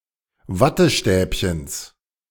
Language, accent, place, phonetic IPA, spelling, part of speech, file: German, Germany, Berlin, [ˈvatəˌʃtɛːpçəns], Wattestäbchens, noun, De-Wattestäbchens.ogg
- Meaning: genitive singular of Wattestäbchen